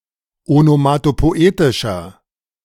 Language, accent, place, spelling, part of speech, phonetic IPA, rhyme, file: German, Germany, Berlin, onomatopoetischer, adjective, [onomatopoˈʔeːtɪʃɐ], -eːtɪʃɐ, De-onomatopoetischer.ogg
- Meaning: inflection of onomatopoetisch: 1. strong/mixed nominative masculine singular 2. strong genitive/dative feminine singular 3. strong genitive plural